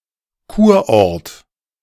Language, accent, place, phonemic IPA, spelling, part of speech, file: German, Germany, Berlin, /ˈkuːɐ̯ˌʔɔʁt/, Kurort, noun, De-Kurort.ogg
- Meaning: health resort